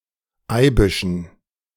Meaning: dative plural of Eibisch
- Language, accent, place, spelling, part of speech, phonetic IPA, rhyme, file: German, Germany, Berlin, Eibischen, noun, [ˈaɪ̯bɪʃn̩], -aɪ̯bɪʃn̩, De-Eibischen.ogg